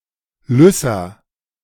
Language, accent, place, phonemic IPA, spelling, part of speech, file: German, Germany, Berlin, /ˈlʏsa/, Lyssa, noun, De-Lyssa.ogg
- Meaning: rabies